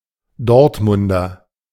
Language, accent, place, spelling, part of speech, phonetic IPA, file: German, Germany, Berlin, Dortmunder, noun / adjective, [ˈdɔʁtmʊndɐ], De-Dortmunder.ogg
- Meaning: Dortmunder (native or inhabitant of the city of Dortmund, North Rhine-Westphalia, Germany) (usually male)